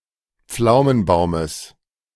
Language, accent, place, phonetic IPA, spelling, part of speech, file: German, Germany, Berlin, [ˈp͡flaʊ̯mənˌbaʊ̯məs], Pflaumenbaumes, noun, De-Pflaumenbaumes.ogg
- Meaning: genitive singular of Pflaumenbaum